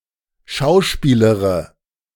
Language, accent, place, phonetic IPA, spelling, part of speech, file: German, Germany, Berlin, [ˈʃaʊ̯ˌʃpiːləʁə], schauspielere, verb, De-schauspielere.ogg
- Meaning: inflection of schauspielern: 1. first-person singular present 2. first/third-person singular subjunctive I 3. singular imperative